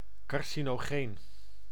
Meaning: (adjective) carcinogenic , causing cancer; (noun) a carcinogenic substance
- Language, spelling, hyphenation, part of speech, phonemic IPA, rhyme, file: Dutch, carcinogeen, car‧ci‧no‧geen, adjective / noun, /ˌkɑr.si.noːˈɣeːn/, -eːn, Nl-carcinogeen.ogg